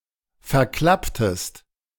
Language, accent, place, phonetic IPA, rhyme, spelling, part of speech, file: German, Germany, Berlin, [fɛɐ̯ˈklaptəst], -aptəst, verklapptest, verb, De-verklapptest.ogg
- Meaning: inflection of verklappen: 1. second-person singular preterite 2. second-person singular subjunctive II